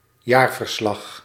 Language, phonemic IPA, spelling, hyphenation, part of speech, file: Dutch, /ˈjaːr.vərˌslɑx/, jaarverslag, jaar‧ver‧slag, noun, Nl-jaarverslag.ogg
- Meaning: annual report